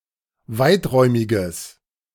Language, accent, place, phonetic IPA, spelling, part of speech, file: German, Germany, Berlin, [ˈvaɪ̯tˌʁɔɪ̯mɪɡəs], weiträumiges, adjective, De-weiträumiges.ogg
- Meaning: strong/mixed nominative/accusative neuter singular of weiträumig